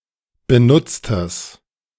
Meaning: strong/mixed nominative/accusative neuter singular of benutzt
- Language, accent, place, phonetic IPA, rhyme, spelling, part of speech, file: German, Germany, Berlin, [bəˈnʊt͡stəs], -ʊt͡stəs, benutztes, adjective, De-benutztes.ogg